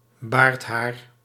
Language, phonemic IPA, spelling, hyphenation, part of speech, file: Dutch, /ˈbaːrt.ɦaːr/, baardhaar, baard‧haar, noun, Nl-baardhaar.ogg
- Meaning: beard hair